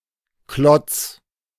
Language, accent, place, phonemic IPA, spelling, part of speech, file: German, Germany, Berlin, /klɔt͡s/, Klotz, noun, De-Klotz.ogg
- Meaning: block, log, chunk (piece of a hard material, especially wood, either unshaped or square-cut)